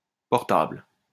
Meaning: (adjective) portable; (noun) 1. ellipsis of téléphone portable: mobile phone 2. ellipsis of ordinateur portable: laptop
- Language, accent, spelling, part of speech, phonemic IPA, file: French, France, portable, adjective / noun, /pɔʁ.tabl/, LL-Q150 (fra)-portable.wav